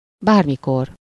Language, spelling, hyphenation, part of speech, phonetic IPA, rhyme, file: Hungarian, bármikor, bár‧mi‧kor, adverb, [ˈbaːrmikor], -or, Hu-bármikor.ogg
- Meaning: anytime, at any time